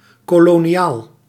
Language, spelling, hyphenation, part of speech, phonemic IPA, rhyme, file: Dutch, koloniaal, ko‧lo‧ni‧aal, adjective / noun, /ˌkoː.loː.niˈaːl/, -aːl, Nl-koloniaal.ogg
- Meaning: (adjective) colonial; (noun) 1. a colonial soldier, a colonial trooper 2. a colonial settler, a colonist